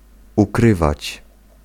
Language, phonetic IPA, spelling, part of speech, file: Polish, [uˈkrɨvat͡ɕ], ukrywać, verb, Pl-ukrywać.ogg